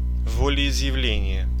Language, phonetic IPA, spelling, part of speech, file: Russian, [ˌvolʲɪɪzjɪˈvlʲenʲɪje], волеизъявление, noun, Ru-волеизъявление.ogg
- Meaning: declaration of will